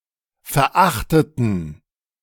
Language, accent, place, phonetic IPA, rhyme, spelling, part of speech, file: German, Germany, Berlin, [fɛɐ̯ˈʔaxtətn̩], -axtətn̩, verachteten, adjective / verb, De-verachteten.ogg
- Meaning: inflection of verachten: 1. first/third-person plural preterite 2. first/third-person plural subjunctive II